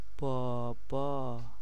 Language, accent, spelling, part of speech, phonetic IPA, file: Persian, Iran, بابا, noun, [bɒː.bɒ́ː], Fa-بابا.ogg
- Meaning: 1. dad, daddy, father 2. grandpa, grandfather 3. fellow